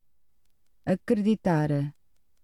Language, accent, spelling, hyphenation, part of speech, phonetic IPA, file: Portuguese, Portugal, acreditar, a‧cre‧di‧tar, verb, [ɐ.kɾɨ.ðiˈtaɾ], Pt acreditar.ogg
- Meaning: 1. to believe (to accept that someone is telling the truth) 2. to believe (to accept that something is true) 3. to believe, to think (to consider likely) 4. to accredit (bring into credit)